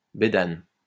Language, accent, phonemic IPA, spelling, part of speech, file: French, France, /be.dan/, bédane, noun, LL-Q150 (fra)-bédane.wav
- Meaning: a type of chisel used in carpentry